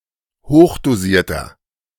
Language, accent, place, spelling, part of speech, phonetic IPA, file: German, Germany, Berlin, hochdosierter, adjective, [ˈhoːxdoˌziːɐ̯tɐ], De-hochdosierter.ogg
- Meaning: inflection of hochdosiert: 1. strong/mixed nominative masculine singular 2. strong genitive/dative feminine singular 3. strong genitive plural